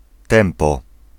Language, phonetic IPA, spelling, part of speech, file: Polish, [ˈtɛ̃mpɔ], tempo, noun, Pl-tempo.ogg